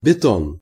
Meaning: concrete
- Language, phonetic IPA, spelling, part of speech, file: Russian, [bʲɪˈton], бетон, noun, Ru-бетон.ogg